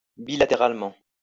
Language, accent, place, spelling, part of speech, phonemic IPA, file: French, France, Lyon, bilatéralement, adverb, /bi.la.te.ʁal.mɑ̃/, LL-Q150 (fra)-bilatéralement.wav
- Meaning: bilaterally